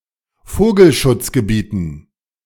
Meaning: dative plural of Vogelschutzgebiet
- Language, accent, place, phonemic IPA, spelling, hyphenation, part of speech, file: German, Germany, Berlin, /ˈfoːɡl̩.ʃʊt͡s.ɡəˌbiːtn̩/, Vogelschutzgebieten, Vo‧gel‧schutz‧ge‧bie‧ten, noun, De-Vogelschutzgebieten.ogg